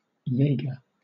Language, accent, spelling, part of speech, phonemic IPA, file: English, Southern England, Jäger, noun / proper noun, /ˈjeɪɡə/, LL-Q1860 (eng)-Jäger.wav
- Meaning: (noun) Alternative form of jaeger; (proper noun) Clipping of Jägermeister